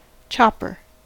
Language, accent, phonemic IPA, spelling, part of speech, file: English, US, /ˈt͡ʃɑ.pɚ/, chopper, noun / verb, En-us-chopper.ogg
- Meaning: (noun) Something that chops: 1. A tool for chopping wood; an axe/ax 2. A knife for chopping food, especially one with a large oblong blade